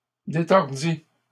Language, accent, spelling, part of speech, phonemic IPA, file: French, Canada, détordis, verb, /de.tɔʁ.di/, LL-Q150 (fra)-détordis.wav
- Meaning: first/second-person singular past historic of détordre